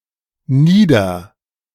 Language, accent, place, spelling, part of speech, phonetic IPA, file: German, Germany, Berlin, nieder-, prefix, [ˈniːdɐ], De-nieder-.ogg
- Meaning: 1. down; prefix used to form verbs describing or causing a downward motion, particularly down to the ground 2. lower; prefix appended to location names to signify a portion of lower elevation